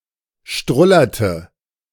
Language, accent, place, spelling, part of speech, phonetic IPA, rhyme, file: German, Germany, Berlin, strullerte, verb, [ˈʃtʁʊlɐtə], -ʊlɐtə, De-strullerte.ogg
- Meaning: inflection of strullern: 1. first/third-person singular preterite 2. first/third-person singular subjunctive II